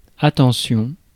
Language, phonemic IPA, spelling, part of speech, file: French, /a.tɑ̃.sjɔ̃/, attention, noun / interjection, Fr-attention.ogg
- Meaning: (noun) 1. attention (mental focus) 2. vigilance 3. attention (concern for) 4. attention (interest in) 5. consideration, thoughtfulness; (interjection) look out! watch out! careful!